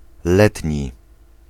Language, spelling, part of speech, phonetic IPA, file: Polish, letni, adjective, [ˈlɛtʲɲi], Pl-letni.ogg